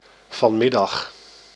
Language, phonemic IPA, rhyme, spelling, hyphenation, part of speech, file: Dutch, /vɑnˈmɪ.dɑx/, -ɪdɑx, vanmiddag, van‧mid‧dag, adverb, Nl-vanmiddag.ogg
- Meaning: this afternoon, the afternoon of the current day (in the future or past)